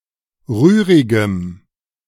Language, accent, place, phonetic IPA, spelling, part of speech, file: German, Germany, Berlin, [ˈʁyːʁɪɡəm], rührigem, adjective, De-rührigem.ogg
- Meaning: strong dative masculine/neuter singular of rührig